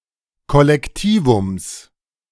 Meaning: genitive of Kollektivum
- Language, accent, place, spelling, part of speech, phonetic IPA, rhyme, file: German, Germany, Berlin, Kollektivums, noun, [ˌkɔlɛkˈtiːvʊms], -iːvʊms, De-Kollektivums.ogg